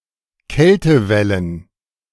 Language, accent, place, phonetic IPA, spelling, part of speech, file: German, Germany, Berlin, [ˈkɛltəˌvɛlən], Kältewellen, noun, De-Kältewellen.ogg
- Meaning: plural of Kältewelle